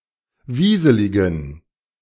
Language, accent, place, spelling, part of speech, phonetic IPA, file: German, Germany, Berlin, wieseligen, adjective, [ˈviːzəlɪɡn̩], De-wieseligen.ogg
- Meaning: inflection of wieselig: 1. strong genitive masculine/neuter singular 2. weak/mixed genitive/dative all-gender singular 3. strong/weak/mixed accusative masculine singular 4. strong dative plural